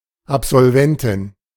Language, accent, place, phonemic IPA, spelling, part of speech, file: German, Germany, Berlin, /apsɔlvɛntɪn/, Absolventin, noun, De-Absolventin.ogg
- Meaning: female alumnus, graduate (of an educational institution)